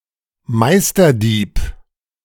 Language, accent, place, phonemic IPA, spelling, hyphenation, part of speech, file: German, Germany, Berlin, /ˈmaɪ̯stɐˌdiːp/, Meisterdieb, Meis‧ter‧dieb, noun, De-Meisterdieb.ogg
- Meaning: master thief